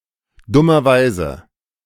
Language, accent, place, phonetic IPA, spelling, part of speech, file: German, Germany, Berlin, [ˈdʊmɐˌvaɪ̯zə], dummerweise, adverb, De-dummerweise.ogg
- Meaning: unfortunately, stupidly